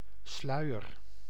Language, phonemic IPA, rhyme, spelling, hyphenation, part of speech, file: Dutch, /ˈslœy̯.ər/, -œy̯ər, sluier, slui‧er, noun, Nl-sluier.ogg
- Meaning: a veil